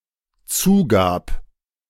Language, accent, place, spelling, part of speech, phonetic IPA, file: German, Germany, Berlin, zugab, verb, [ˈt͡suːˌɡaːp], De-zugab.ogg
- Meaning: first/third-person singular dependent preterite of zugeben